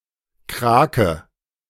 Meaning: 1. a mollusk of the order Octopoda; an octopus in the broader sense 2. a kraken (sea monster)
- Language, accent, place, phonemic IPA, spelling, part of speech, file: German, Germany, Berlin, /ˈkʁaːkə/, Krake, noun, De-Krake.ogg